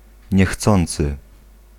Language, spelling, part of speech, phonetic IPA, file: Polish, niechcący, adverb / verb, [ɲɛˈxt͡sɔ̃nt͡sɨ], Pl-niechcący.ogg